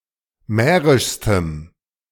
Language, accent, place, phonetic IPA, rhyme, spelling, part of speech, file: German, Germany, Berlin, [ˈmɛːʁɪʃstəm], -ɛːʁɪʃstəm, mährischstem, adjective, De-mährischstem.ogg
- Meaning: strong dative masculine/neuter singular superlative degree of mährisch